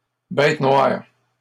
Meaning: bête noire, pet hate, pet peeve
- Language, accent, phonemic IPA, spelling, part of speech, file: French, Canada, /bɛt nwaʁ/, bête noire, noun, LL-Q150 (fra)-bête noire.wav